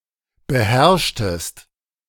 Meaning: inflection of beherrschen: 1. second-person singular preterite 2. second-person singular subjunctive II
- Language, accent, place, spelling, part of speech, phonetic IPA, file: German, Germany, Berlin, beherrschtest, verb, [bəˈhɛʁʃtəst], De-beherrschtest.ogg